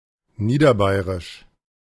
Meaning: alternative form of niederbayerisch
- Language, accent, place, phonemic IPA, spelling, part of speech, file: German, Germany, Berlin, /ˈniːdɐˌbaɪ̯ʁɪʃ/, niederbayrisch, adjective, De-niederbayrisch.ogg